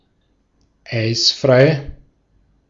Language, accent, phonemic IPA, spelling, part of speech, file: German, Austria, /ˈaɪ̯sfʁaɪ̯/, eisfrei, adjective, De-at-eisfrei.ogg
- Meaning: free of ice